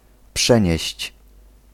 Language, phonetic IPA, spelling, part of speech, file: Polish, [ˈpʃɛ̃ɲɛ̇ɕt͡ɕ], przenieść, verb, Pl-przenieść.ogg